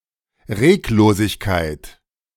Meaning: motionlessness
- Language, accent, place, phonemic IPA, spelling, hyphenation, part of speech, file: German, Germany, Berlin, /ˈʁeːkloːzɪçkaɪ̯t/, Reglosigkeit, Reg‧lo‧sig‧keit, noun, De-Reglosigkeit.ogg